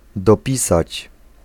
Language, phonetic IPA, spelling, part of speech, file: Polish, [dɔˈpʲisat͡ɕ], dopisać, verb, Pl-dopisać.ogg